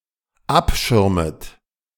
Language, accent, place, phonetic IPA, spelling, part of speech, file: German, Germany, Berlin, [ˈapˌʃɪʁmət], abschirmet, verb, De-abschirmet.ogg
- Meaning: second-person plural dependent subjunctive I of abschirmen